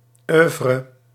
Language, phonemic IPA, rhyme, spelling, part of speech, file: Dutch, /ˈœːvrə/, -œːvrə, oeuvre, noun, Nl-oeuvre.ogg
- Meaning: oeuvre